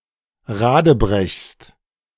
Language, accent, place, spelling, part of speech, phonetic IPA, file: German, Germany, Berlin, radebrechst, verb, [ˈʁaːdəˌbʁɛçst], De-radebrechst.ogg
- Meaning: second-person singular present of radebrechen